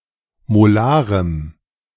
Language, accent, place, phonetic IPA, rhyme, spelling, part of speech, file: German, Germany, Berlin, [moˈlaːʁəm], -aːʁəm, molarem, adjective, De-molarem.ogg
- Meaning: strong dative masculine/neuter singular of molar